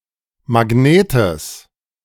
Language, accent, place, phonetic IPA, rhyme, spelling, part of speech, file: German, Germany, Berlin, [maˈɡneːtəs], -eːtəs, Magnetes, noun, De-Magnetes.ogg
- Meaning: genitive singular of Magnet